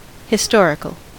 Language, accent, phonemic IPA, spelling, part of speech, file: English, US, /hɪˈstɔɹɪkəl/, historical, adjective / noun, En-us-historical.ogg
- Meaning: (adjective) Of, concerning, or in accordance with recorded history, (particularly) as opposed to legends, myths, and fictions